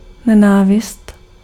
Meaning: hatred, hate
- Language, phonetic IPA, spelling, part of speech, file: Czech, [ˈnɛnaːvɪst], nenávist, noun, Cs-nenávist.ogg